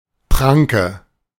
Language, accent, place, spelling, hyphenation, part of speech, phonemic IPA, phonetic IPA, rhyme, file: German, Germany, Berlin, Pranke, Pran‧ke, noun, /praŋkə/, [ˈpʰʁ̥äŋ.kə], -aŋkə, De-Pranke.ogg
- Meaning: 1. paw of a large predator, especially felines 2. large, coarse hand